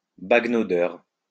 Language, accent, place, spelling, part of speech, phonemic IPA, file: French, France, Lyon, baguenaudeur, adjective, /baɡ.no.dœʁ/, LL-Q150 (fra)-baguenaudeur.wav
- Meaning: strolling, ambling